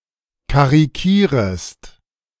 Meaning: second-person singular subjunctive I of karikieren
- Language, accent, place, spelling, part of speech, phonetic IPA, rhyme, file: German, Germany, Berlin, karikierest, verb, [kaʁiˈkiːʁəst], -iːʁəst, De-karikierest.ogg